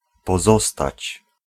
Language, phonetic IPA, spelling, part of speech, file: Polish, [pɔˈzɔstat͡ɕ], pozostać, verb, Pl-pozostać.ogg